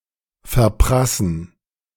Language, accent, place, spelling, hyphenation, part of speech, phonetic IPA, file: German, Germany, Berlin, verprassen, ver‧pras‧sen, verb, [fɛɐ̯ˈpʁasən], De-verprassen.ogg
- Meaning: to splurge, to squander